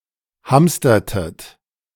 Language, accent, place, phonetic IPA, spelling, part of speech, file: German, Germany, Berlin, [ˈhamstɐtət], hamstertet, verb, De-hamstertet.ogg
- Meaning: inflection of hamstern: 1. second-person plural preterite 2. second-person plural subjunctive II